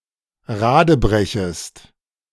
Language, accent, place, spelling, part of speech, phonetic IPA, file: German, Germany, Berlin, radebrechest, verb, [ˈʁaːdəˌbʁɛçəst], De-radebrechest.ogg
- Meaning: second-person singular subjunctive I of radebrechen